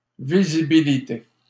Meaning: visibility
- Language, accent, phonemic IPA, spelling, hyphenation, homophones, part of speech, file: French, Canada, /vi.zi.bi.li.te/, visibilité, vi‧si‧bi‧li‧té, visibilités, noun, LL-Q150 (fra)-visibilité.wav